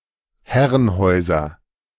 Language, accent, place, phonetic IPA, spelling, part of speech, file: German, Germany, Berlin, [ˈhɛʁənˌhɔɪ̯zɐ], Herrenhäuser, noun, De-Herrenhäuser.ogg
- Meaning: nominative/accusative/genitive plural of Herrenhaus